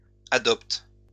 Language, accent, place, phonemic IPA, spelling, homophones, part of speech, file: French, France, Lyon, /a.dɔpt/, adopte, adoptent / adoptes, verb, LL-Q150 (fra)-adopte.wav
- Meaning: inflection of adopter: 1. first/third-person singular present indicative/subjunctive 2. second-person singular imperative